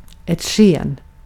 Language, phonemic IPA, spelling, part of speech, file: Swedish, /ˈɧeːn/, sken, noun, Sv-sken.ogg
- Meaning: 1. a light, a glow 2. an appearance; guise